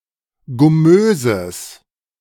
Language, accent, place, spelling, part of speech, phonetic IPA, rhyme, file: German, Germany, Berlin, gummöses, adjective, [ɡʊˈmøːzəs], -øːzəs, De-gummöses.ogg
- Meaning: strong/mixed nominative/accusative neuter singular of gummös